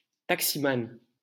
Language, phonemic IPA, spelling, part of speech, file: French, /tak.si.man/, taximan, noun, LL-Q150 (fra)-taximan.wav
- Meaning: (male) taxi driver